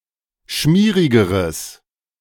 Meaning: strong/mixed nominative/accusative neuter singular comparative degree of schmierig
- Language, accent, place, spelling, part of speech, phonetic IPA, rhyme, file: German, Germany, Berlin, schmierigeres, adjective, [ˈʃmiːʁɪɡəʁəs], -iːʁɪɡəʁəs, De-schmierigeres.ogg